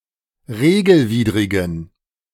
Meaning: inflection of regelwidrig: 1. strong genitive masculine/neuter singular 2. weak/mixed genitive/dative all-gender singular 3. strong/weak/mixed accusative masculine singular 4. strong dative plural
- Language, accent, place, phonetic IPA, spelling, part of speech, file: German, Germany, Berlin, [ˈʁeːɡl̩ˌviːdʁɪɡn̩], regelwidrigen, adjective, De-regelwidrigen.ogg